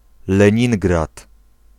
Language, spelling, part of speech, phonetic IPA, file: Polish, Leningrad, proper noun, [lɛ̃ˈɲĩŋɡrat], Pl-Leningrad.ogg